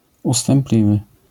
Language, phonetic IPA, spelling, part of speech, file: Polish, [ˌustɛ̃mˈplʲivɨ], ustępliwy, adjective, LL-Q809 (pol)-ustępliwy.wav